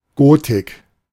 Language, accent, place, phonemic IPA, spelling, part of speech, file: German, Germany, Berlin, /ˈɡoːtɪk/, Gotik, noun, De-Gotik.ogg
- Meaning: Gothic epoch